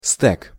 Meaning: 1. riding crop 2. stack (data structure) 3. alternative form of сте́ка (stɛ́ka) 4. genitive plural of сте́ка (stɛ́ka)
- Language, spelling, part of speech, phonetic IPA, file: Russian, стек, noun, [stɛk], Ru-стек.ogg